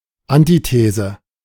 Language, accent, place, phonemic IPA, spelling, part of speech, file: German, Germany, Berlin, /ˈantiˌteːzə/, Antithese, noun, De-Antithese.ogg
- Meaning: antithesis